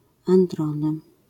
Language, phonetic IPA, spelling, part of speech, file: Polish, [ãnˈdrɔ̃nɨ], androny, noun, LL-Q809 (pol)-androny.wav